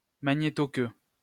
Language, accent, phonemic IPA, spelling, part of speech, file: French, France, /ma.ɲe.tɔ.kø/, magnétoqueue, noun, LL-Q150 (fra)-magnétoqueue.wav
- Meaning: magnetotail